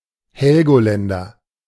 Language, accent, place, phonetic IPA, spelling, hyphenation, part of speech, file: German, Germany, Berlin, [ˈhɛlɡoˌlɛndɐ], Helgoländer, Hel‧go‧län‧der, noun / adjective, De-Helgoländer.ogg
- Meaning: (noun) a person from, or residing in, Heligoland; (adjective) of Heligoland